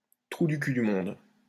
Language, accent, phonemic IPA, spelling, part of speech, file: French, France, /tʁu dy ky dy mɔ̃d/, trou du cul du monde, noun, LL-Q150 (fra)-trou du cul du monde.wav
- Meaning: the arse end of nowhere, the middle of bumfuck nowhere, the middle of nowhere